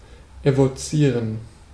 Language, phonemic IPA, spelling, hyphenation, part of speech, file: German, /evoˈt͡siːʁən/, evozieren, evo‧zie‧ren, verb, De-evozieren.ogg
- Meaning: to evoke